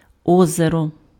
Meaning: lake (body of water)
- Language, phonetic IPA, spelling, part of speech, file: Ukrainian, [ˈɔzerɔ], озеро, noun, Uk-озеро.ogg